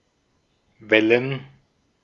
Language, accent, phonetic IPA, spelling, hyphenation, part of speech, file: German, Austria, [ˈvɛlən], Wellen, Wel‧len, noun, De-at-Wellen.ogg
- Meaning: 1. plural of Welle 2. gerund of wellen